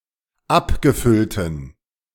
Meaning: inflection of abgefüllt: 1. strong genitive masculine/neuter singular 2. weak/mixed genitive/dative all-gender singular 3. strong/weak/mixed accusative masculine singular 4. strong dative plural
- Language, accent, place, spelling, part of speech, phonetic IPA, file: German, Germany, Berlin, abgefüllten, adjective, [ˈapɡəˌfʏltn̩], De-abgefüllten.ogg